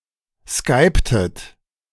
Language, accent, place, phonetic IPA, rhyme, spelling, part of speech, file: German, Germany, Berlin, [ˈskaɪ̯ptət], -aɪ̯ptət, skyptet, verb, De-skyptet.ogg
- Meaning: inflection of skypen: 1. second-person plural preterite 2. second-person plural subjunctive II